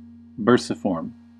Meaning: Shaped like a purse or bag
- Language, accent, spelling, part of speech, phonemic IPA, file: English, US, bursiform, adjective, /ˈbɝsɪfɔɹm/, En-us-bursiform.ogg